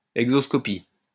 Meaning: exoscopy
- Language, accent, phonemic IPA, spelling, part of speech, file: French, France, /ɛɡ.zɔs.kɔ.pi/, exoscopie, noun, LL-Q150 (fra)-exoscopie.wav